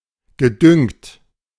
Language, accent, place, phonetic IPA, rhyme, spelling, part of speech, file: German, Germany, Berlin, [ɡəˈdʏŋt], -ʏŋt, gedüngt, verb, De-gedüngt.ogg
- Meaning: past participle of düngen